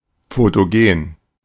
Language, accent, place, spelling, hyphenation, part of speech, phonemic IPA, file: German, Germany, Berlin, fotogen, fo‧to‧gen, adjective, /ˌfoːtoˈɡeːn/, De-fotogen.ogg
- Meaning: photogenic (photographing well)